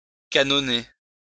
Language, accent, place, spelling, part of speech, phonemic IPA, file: French, France, Lyon, canonner, verb, /ka.nɔ.ne/, LL-Q150 (fra)-canonner.wav
- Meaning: to cannon, cannonade